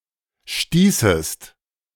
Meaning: second-person singular subjunctive II of stoßen
- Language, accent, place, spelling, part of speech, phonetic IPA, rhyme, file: German, Germany, Berlin, stießest, verb, [ˈʃtiːsəst], -iːsəst, De-stießest.ogg